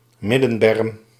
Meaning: median strip
- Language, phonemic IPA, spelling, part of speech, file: Dutch, /ˈmɪdə(n).bɛrm/, middenberm, noun, Nl-middenberm.ogg